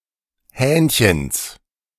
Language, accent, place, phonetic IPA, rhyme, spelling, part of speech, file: German, Germany, Berlin, [ˈhɛːnçəns], -ɛːnçəns, Hähnchens, noun, De-Hähnchens.ogg
- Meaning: genitive of Hähnchen